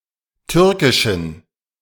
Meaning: inflection of türkisch: 1. strong genitive masculine/neuter singular 2. weak/mixed genitive/dative all-gender singular 3. strong/weak/mixed accusative masculine singular 4. strong dative plural
- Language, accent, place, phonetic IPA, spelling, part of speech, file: German, Germany, Berlin, [ˈtʏʁkɪʃn̩], türkischen, adjective, De-türkischen.ogg